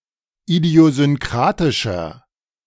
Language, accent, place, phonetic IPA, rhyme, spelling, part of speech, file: German, Germany, Berlin, [idi̯ozʏnˈkʁaːtɪʃɐ], -aːtɪʃɐ, idiosynkratischer, adjective, De-idiosynkratischer.ogg
- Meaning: 1. comparative degree of idiosynkratisch 2. inflection of idiosynkratisch: strong/mixed nominative masculine singular 3. inflection of idiosynkratisch: strong genitive/dative feminine singular